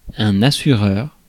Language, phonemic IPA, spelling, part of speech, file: French, /a.sy.ʁœʁ/, assureur, noun, Fr-assureur.ogg
- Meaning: 1. insurer, insurance agent 2. belayer